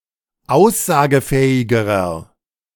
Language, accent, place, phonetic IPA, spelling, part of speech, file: German, Germany, Berlin, [ˈaʊ̯szaːɡəˌfɛːɪɡəʁɐ], aussagefähigerer, adjective, De-aussagefähigerer.ogg
- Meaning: inflection of aussagefähig: 1. strong/mixed nominative masculine singular comparative degree 2. strong genitive/dative feminine singular comparative degree 3. strong genitive plural comparative degree